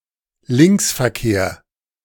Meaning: left-hand driving, driving on the left
- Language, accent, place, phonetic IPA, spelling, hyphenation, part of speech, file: German, Germany, Berlin, [ˈlɪŋksfɛɐ̯keːɐ̯], Linksverkehr, Links‧ver‧kehr, noun, De-Linksverkehr.ogg